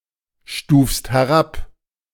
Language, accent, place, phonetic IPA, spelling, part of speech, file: German, Germany, Berlin, [ˌʃtuːfst hɛˈʁap], stufst herab, verb, De-stufst herab.ogg
- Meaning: second-person singular present of herabstufen